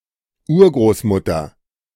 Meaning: great-grandmother
- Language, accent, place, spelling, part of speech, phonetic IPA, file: German, Germany, Berlin, Urgroßmutter, noun / proper noun, [ˈuːɐ̯ɡʁoːsˌmʊtɐ], De-Urgroßmutter.ogg